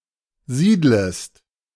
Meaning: second-person singular subjunctive I of siedeln
- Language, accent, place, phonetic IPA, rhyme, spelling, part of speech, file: German, Germany, Berlin, [ˈziːdləst], -iːdləst, siedlest, verb, De-siedlest.ogg